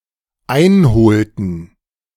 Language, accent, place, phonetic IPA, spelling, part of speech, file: German, Germany, Berlin, [ˈaɪ̯nˌhoːltn̩], einholten, verb, De-einholten.ogg
- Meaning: inflection of einholen: 1. first/third-person plural dependent preterite 2. first/third-person plural dependent subjunctive II